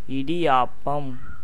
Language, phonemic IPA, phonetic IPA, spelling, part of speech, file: Tamil, /ɪɖɪjɑːpːɐm/, [ɪɖɪjäːpːɐm], இடியாப்பம், noun, Ta-இடியாப்பம்.ogg
- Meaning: idiyappam (a South Indian and Sri Lankan dish of rice vermicelli)